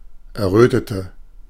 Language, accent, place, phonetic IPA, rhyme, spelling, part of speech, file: German, Germany, Berlin, [ɛɐ̯ˈʁøːtətə], -øːtətə, errötete, adjective / verb, De-errötete.ogg
- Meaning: inflection of erröten: 1. first/third-person singular preterite 2. first/third-person singular subjunctive II